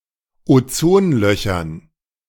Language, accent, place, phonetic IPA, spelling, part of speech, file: German, Germany, Berlin, [oˈt͡soːnˌlœçɐn], Ozonlöchern, noun, De-Ozonlöchern.ogg
- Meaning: dative plural of Ozonloch